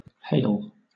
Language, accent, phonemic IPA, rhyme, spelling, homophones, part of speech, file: English, Southern England, /heɪl/, -eɪl, hale, hail, adjective / noun / verb, LL-Q1860 (eng)-hale.wav
- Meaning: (adjective) Sound, entire, healthy; robust, not impaired; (noun) Health, welfare; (verb) To drag or pull, especially forcibly